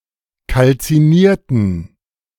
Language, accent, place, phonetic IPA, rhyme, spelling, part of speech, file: German, Germany, Berlin, [kalt͡siˈniːɐ̯tn̩], -iːɐ̯tn̩, kalzinierten, adjective / verb, De-kalzinierten.ogg
- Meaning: inflection of kalziniert: 1. strong genitive masculine/neuter singular 2. weak/mixed genitive/dative all-gender singular 3. strong/weak/mixed accusative masculine singular 4. strong dative plural